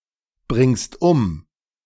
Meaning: second-person singular present of umbringen
- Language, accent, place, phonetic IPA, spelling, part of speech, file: German, Germany, Berlin, [ˌbʁɪŋst ˈʊm], bringst um, verb, De-bringst um.ogg